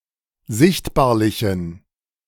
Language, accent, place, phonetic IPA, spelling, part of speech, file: German, Germany, Berlin, [ˈzɪçtbaːɐ̯lɪçn̩], sichtbarlichen, adjective, De-sichtbarlichen.ogg
- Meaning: inflection of sichtbarlich: 1. strong genitive masculine/neuter singular 2. weak/mixed genitive/dative all-gender singular 3. strong/weak/mixed accusative masculine singular 4. strong dative plural